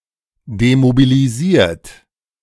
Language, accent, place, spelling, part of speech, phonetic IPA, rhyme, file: German, Germany, Berlin, demobilisiert, verb, [demobiliˈziːɐ̯t], -iːɐ̯t, De-demobilisiert.ogg
- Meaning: 1. past participle of demobilisieren 2. inflection of demobilisieren: second-person plural present 3. inflection of demobilisieren: third-person singular present